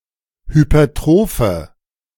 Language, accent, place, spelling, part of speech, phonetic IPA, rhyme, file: German, Germany, Berlin, hypertrophe, adjective, [hypɐˈtʁoːfə], -oːfə, De-hypertrophe.ogg
- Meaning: inflection of hypertroph: 1. strong/mixed nominative/accusative feminine singular 2. strong nominative/accusative plural 3. weak nominative all-gender singular